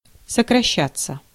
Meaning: 1. to decrease, to shorten 2. passive of сокраща́ть (sokraščátʹ)
- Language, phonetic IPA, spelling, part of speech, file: Russian, [səkrɐˈɕːat͡sːə], сокращаться, verb, Ru-сокращаться.ogg